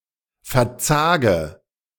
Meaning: inflection of verzagen: 1. first-person singular present 2. first/third-person singular subjunctive I 3. singular imperative
- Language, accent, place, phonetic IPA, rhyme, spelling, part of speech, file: German, Germany, Berlin, [fɛɐ̯ˈt͡saːɡə], -aːɡə, verzage, verb, De-verzage.ogg